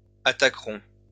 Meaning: first-person plural future of attaquer
- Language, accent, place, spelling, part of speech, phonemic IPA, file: French, France, Lyon, attaquerons, verb, /a.ta.kʁɔ̃/, LL-Q150 (fra)-attaquerons.wav